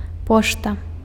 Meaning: 1. mail, post 2. post office
- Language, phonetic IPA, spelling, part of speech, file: Belarusian, [ˈpoʂta], пошта, noun, Be-пошта.ogg